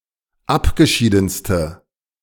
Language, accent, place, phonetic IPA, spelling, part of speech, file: German, Germany, Berlin, [ˈapɡəˌʃiːdn̩stə], abgeschiedenste, adjective, De-abgeschiedenste.ogg
- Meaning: inflection of abgeschieden: 1. strong/mixed nominative/accusative feminine singular superlative degree 2. strong nominative/accusative plural superlative degree